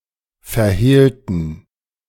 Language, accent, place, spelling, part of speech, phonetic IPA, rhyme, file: German, Germany, Berlin, verhehlten, adjective / verb, [fɛɐ̯ˈheːltn̩], -eːltn̩, De-verhehlten.ogg
- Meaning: inflection of verhehlen: 1. first/third-person plural preterite 2. first/third-person plural subjunctive II